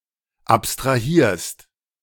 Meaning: second-person singular present of abstrahieren
- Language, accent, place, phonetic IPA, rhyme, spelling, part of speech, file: German, Germany, Berlin, [ˌapstʁaˈhiːɐ̯st], -iːɐ̯st, abstrahierst, verb, De-abstrahierst.ogg